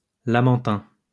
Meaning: manatee
- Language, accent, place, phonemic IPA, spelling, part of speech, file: French, France, Lyon, /la.mɑ̃.tɛ̃/, lamantin, noun, LL-Q150 (fra)-lamantin.wav